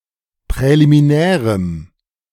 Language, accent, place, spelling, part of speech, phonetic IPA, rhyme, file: German, Germany, Berlin, präliminärem, adjective, [pʁɛlimiˈnɛːʁəm], -ɛːʁəm, De-präliminärem.ogg
- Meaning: strong dative masculine/neuter singular of präliminär